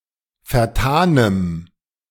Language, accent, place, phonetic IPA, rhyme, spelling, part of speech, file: German, Germany, Berlin, [fɛɐ̯ˈtaːnəm], -aːnəm, vertanem, adjective, De-vertanem.ogg
- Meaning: strong dative masculine/neuter singular of vertan